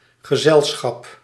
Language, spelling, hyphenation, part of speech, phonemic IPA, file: Dutch, gezelschap, ge‧zel‧schap, noun, /ɣəˈzɛlˌsxɑp/, Nl-gezelschap.ogg
- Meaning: 1. company, business 2. club, society, association 3. social circle, company, companionship